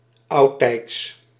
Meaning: in the past, in the days of old
- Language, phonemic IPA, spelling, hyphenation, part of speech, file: Dutch, /ˈɑu̯.tɛi̯ts/, oudtijds, oud‧tijds, adverb, Nl-oudtijds.ogg